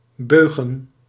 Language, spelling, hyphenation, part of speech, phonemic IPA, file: Dutch, beugen, beu‧gen, verb / noun, /ˈbøː.ɣə(n)/, Nl-beugen.ogg
- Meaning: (verb) to fish with a longline; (noun) plural of beug